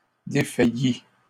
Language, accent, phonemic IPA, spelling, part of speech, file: French, Canada, /de.fa.ji/, défaillis, verb, LL-Q150 (fra)-défaillis.wav
- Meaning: 1. first/second-person singular past historic of défaillir 2. masculine plural of défailli